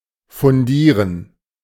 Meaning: 1. to fund 2. to found
- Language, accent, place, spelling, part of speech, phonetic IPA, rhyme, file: German, Germany, Berlin, fundieren, verb, [fʊnˈdiːʁən], -iːʁən, De-fundieren.ogg